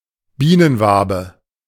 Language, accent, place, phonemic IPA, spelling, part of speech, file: German, Germany, Berlin, /ˈbiːnənˌvaːbə/, Bienenwabe, noun, De-Bienenwabe.ogg
- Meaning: honeycomb (structure of cells made by bees)